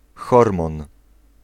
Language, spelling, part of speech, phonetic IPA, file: Polish, hormon, noun, [ˈxɔrmɔ̃n], Pl-hormon.ogg